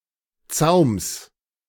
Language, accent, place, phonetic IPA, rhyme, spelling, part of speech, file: German, Germany, Berlin, [t͡saʊ̯ms], -aʊ̯ms, Zaums, noun, De-Zaums.ogg
- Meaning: genitive singular of Zaum